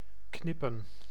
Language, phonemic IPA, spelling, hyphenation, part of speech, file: Dutch, /ˈknɪpə(n)/, knippen, knip‧pen, verb / noun, Nl-knippen.ogg
- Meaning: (verb) 1. to cut with scissors 2. to cut (remove an item and place it in memory for later use) 3. to make a pinching movement, especially with one's eyelids; thus, to blink 4. to snap one's fingers